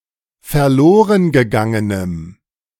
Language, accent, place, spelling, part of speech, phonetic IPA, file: German, Germany, Berlin, verlorengegangenem, adjective, [fɛɐ̯ˈloːʁənɡəˌɡaŋənəm], De-verlorengegangenem.ogg
- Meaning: strong dative masculine/neuter singular of verlorengegangen